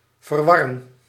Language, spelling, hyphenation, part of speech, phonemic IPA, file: Dutch, verwarren, ver‧war‧ren, verb, /vərˈʋɑ.rə(n)/, Nl-verwarren.ogg
- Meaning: 1. to tangle 2. to confuse, confound, befuddle